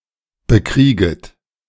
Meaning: second-person plural subjunctive I of bekriegen
- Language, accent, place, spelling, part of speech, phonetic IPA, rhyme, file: German, Germany, Berlin, bekrieget, verb, [bəˈkʁiːɡət], -iːɡət, De-bekrieget.ogg